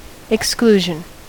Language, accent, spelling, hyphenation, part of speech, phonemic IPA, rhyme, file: English, US, exclusion, ex‧clu‧sion, noun, /ɪksˈkluːʒən/, -uːʒən, En-us-exclusion.ogg
- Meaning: 1. The act of excluding or shutting out; removal from consideration or taking part 2. The act of pushing or forcing something out 3. An item not covered by an insurance policy